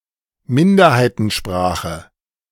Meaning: minority language
- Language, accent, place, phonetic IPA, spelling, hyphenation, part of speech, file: German, Germany, Berlin, [ˈmɪndɐhaɪ̯tn̩ˌʃpʁaːχə], Minderheitensprache, Min‧der‧hei‧ten‧spra‧che, noun, De-Minderheitensprache.ogg